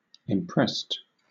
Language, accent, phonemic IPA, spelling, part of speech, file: English, Southern England, /ɪmˈpɹɛst/, imprest, verb, LL-Q1860 (eng)-imprest.wav
- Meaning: simple past and past participle of impress